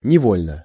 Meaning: 1. involuntarily 2. automatically 3. unintentionally, unwittingly
- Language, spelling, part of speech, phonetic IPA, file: Russian, невольно, adverb, [nʲɪˈvolʲnə], Ru-невольно.ogg